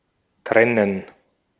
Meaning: 1. to separate, sever, part, disunite, uncouple, segregate, unjoin, disjoin 2. to sunder 3. to unlink, delink, disconnect, detach 4. to isolate
- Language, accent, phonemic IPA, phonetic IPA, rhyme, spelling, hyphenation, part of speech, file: German, Austria, /ˈtʁɛnən/, [ˈtʁɛnɛn], -ɛnən, trennen, tren‧nen, verb, De-at-trennen.ogg